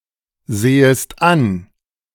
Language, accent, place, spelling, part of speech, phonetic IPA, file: German, Germany, Berlin, sehest an, verb, [ˌzeːəst ˈan], De-sehest an.ogg
- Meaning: second-person singular subjunctive I of ansehen